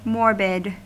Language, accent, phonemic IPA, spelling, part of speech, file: English, US, /ˈmɔɹ.bɪd/, morbid, adjective, En-us-morbid.ogg
- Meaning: 1. Of, relating to, or afflicted by disease 2. Taking an interest in, or fixating on, unhealthy or unwholesome subjects such as death, decay, disease